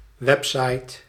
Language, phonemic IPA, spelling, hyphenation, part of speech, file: Dutch, /ˈʋɛp.sɑi̯t/, website, web‧site, noun, Nl-website.ogg
- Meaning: web site